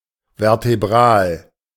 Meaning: vertebral
- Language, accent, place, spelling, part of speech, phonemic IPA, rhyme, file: German, Germany, Berlin, vertebral, adjective, /vɛʁteˈbʁaːl/, -aːl, De-vertebral.ogg